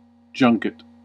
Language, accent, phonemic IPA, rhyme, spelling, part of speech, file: English, US, /ˈd͡ʒʌŋkɪt/, -ʌŋkɪt, junket, noun / verb, En-us-junket.ogg
- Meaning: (noun) 1. A basket 2. A type of cream cheese, originally made in a rush basket; later, a food made of sweetened curds 3. A delicacy 4. A feast or banquet